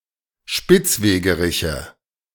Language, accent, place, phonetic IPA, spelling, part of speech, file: German, Germany, Berlin, [ˈʃpɪt͡sˌveːɡəˌʁɪçə], Spitzwegeriche, noun, De-Spitzwegeriche.ogg
- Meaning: nominative/accusative/genitive plural of Spitzwegerich